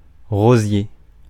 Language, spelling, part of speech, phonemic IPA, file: French, rosier, noun, /ʁo.zje/, Fr-rosier.ogg
- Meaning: rosebush